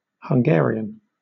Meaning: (adjective) Of, from, or pertaining to present-day Hungary, the ethnic Hungarian people or the Hungarian language
- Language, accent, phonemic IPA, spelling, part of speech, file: English, Southern England, /hʌŋˈɡɛə.ɹi.ən/, Hungarian, adjective / noun, LL-Q1860 (eng)-Hungarian.wav